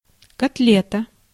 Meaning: 1. meat patty 2. cutlet, pork chop 3. bomb, a large sum of money
- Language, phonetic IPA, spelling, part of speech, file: Russian, [kɐtˈlʲetə], котлета, noun, Ru-котлета.ogg